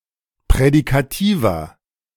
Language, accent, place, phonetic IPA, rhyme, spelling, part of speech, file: German, Germany, Berlin, [pʁɛdikaˈtiːvɐ], -iːvɐ, prädikativer, adjective, De-prädikativer.ogg
- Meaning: inflection of prädikativ: 1. strong/mixed nominative masculine singular 2. strong genitive/dative feminine singular 3. strong genitive plural